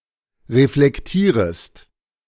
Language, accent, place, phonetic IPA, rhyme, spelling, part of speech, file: German, Germany, Berlin, [ʁeflɛkˈtiːʁəst], -iːʁəst, reflektierest, verb, De-reflektierest.ogg
- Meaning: second-person singular subjunctive I of reflektieren